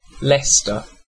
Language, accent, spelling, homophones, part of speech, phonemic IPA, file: English, UK, Leicester, Lester, proper noun / noun, /ˈlɛstə/, En-uk-Leicester.ogg
- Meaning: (proper noun) 1. A city, unitary authority, and borough in and the county town of Leicestershire, England 2. A locality in Big Lakes County, Alberta, Canada